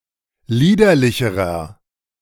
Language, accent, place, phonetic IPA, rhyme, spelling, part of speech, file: German, Germany, Berlin, [ˈliːdɐlɪçəʁɐ], -iːdɐlɪçəʁɐ, liederlicherer, adjective, De-liederlicherer.ogg
- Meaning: inflection of liederlich: 1. strong/mixed nominative masculine singular comparative degree 2. strong genitive/dative feminine singular comparative degree 3. strong genitive plural comparative degree